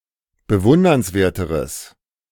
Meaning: strong/mixed nominative/accusative neuter singular comparative degree of bewundernswert
- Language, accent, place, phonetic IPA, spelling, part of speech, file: German, Germany, Berlin, [bəˈvʊndɐnsˌveːɐ̯təʁəs], bewundernswerteres, adjective, De-bewundernswerteres.ogg